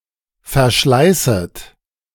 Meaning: second-person plural subjunctive I of verschleißen
- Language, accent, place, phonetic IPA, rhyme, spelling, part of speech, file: German, Germany, Berlin, [fɛɐ̯ˈʃlaɪ̯sət], -aɪ̯sət, verschleißet, verb, De-verschleißet.ogg